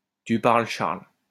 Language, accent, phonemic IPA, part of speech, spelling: French, France, /ty paʁl | ʃaʁl/, interjection, tu parles, Charles
- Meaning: my eye; yeah, right; tell it to the marines!